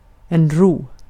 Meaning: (verb) 1. to row; to transport oneself in a small boat, with help of oars 2. to quickly hand over, to pass; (noun) peace, quiet, tranquility
- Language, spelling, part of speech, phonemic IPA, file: Swedish, ro, verb / noun, /ruː/, Sv-ro.ogg